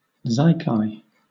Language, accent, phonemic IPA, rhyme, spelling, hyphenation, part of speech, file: English, Southern England, /ˈzaɪkaɪ/, -aɪkaɪ, zaikai, zai‧kai, noun, LL-Q1860 (eng)-zaikai.wav
- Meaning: Collectively, the powerful and influential businesspeople and tycoons of Japan